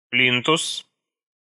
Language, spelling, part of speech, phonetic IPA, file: Russian, плинтус, noun, [ˈplʲintʊs], Ru-плинтус.ogg
- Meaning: skirting board, baseboard (panel between floor and interior wall)